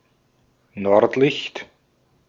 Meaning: 1. northern lights 2. a person from Northern Germany
- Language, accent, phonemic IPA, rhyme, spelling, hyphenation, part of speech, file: German, Austria, /ˈnɔʁtˌlɪçt/, -ɪçt, Nordlicht, Nord‧licht, noun, De-at-Nordlicht.ogg